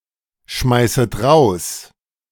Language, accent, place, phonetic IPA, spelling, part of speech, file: German, Germany, Berlin, [ˌʃmaɪ̯sət ˈʁaʊ̯s], schmeißet raus, verb, De-schmeißet raus.ogg
- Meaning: second-person plural subjunctive I of rausschmeißen